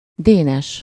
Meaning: 1. a male given name, equivalent to English Dennis 2. a surname
- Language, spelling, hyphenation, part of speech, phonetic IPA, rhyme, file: Hungarian, Dénes, Dé‧nes, proper noun, [ˈdeːnɛʃ], -ɛʃ, Hu-Dénes.ogg